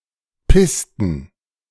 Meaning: inflection of pissen: 1. first/third-person plural preterite 2. first/third-person plural subjunctive II
- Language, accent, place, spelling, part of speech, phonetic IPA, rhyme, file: German, Germany, Berlin, pissten, verb, [ˈpɪstn̩], -ɪstn̩, De-pissten.ogg